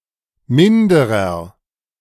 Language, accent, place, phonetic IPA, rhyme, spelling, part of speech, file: German, Germany, Berlin, [ˈmɪndəʁɐ], -ɪndəʁɐ, minderer, adjective, De-minderer.ogg
- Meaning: inflection of minder: 1. strong/mixed nominative masculine singular 2. strong genitive/dative feminine singular 3. strong genitive plural